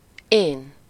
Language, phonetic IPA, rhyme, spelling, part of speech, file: Hungarian, [ˈeːn], -eːn, én, pronoun / noun, Hu-én.ogg
- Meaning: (pronoun) I (first-person singular); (noun) self, ego